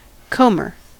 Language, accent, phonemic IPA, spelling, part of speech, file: English, US, /ˈkoʊmɚ/, comber, noun, En-us-comber.ogg
- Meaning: 1. A person who combs wool, etc 2. A machine that combs wool, etc 3. A long, curving wave breaking on the shore